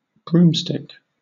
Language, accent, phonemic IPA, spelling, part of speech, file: English, Southern England, /ˈbɹum.stɪk/, broomstick, noun / verb, LL-Q1860 (eng)-broomstick.wav
- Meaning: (noun) 1. The handle of a broom (sweeping tool); (sometimes) the entire broom 2. A broom imbued with magic, enabling one to fly astride the handle 3. A control stick of an airplane or other vehicle